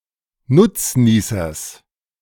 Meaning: genitive singular of Nutznießer
- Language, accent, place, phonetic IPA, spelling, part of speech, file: German, Germany, Berlin, [ˈnʊt͡sˌniːsɐs], Nutznießers, noun, De-Nutznießers.ogg